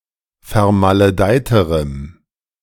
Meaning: strong dative masculine/neuter singular comparative degree of vermaledeit
- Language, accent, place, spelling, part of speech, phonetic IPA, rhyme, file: German, Germany, Berlin, vermaledeiterem, adjective, [fɛɐ̯maləˈdaɪ̯təʁəm], -aɪ̯təʁəm, De-vermaledeiterem.ogg